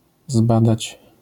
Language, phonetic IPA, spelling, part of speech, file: Polish, [ˈzbadat͡ɕ], zbadać, verb, LL-Q809 (pol)-zbadać.wav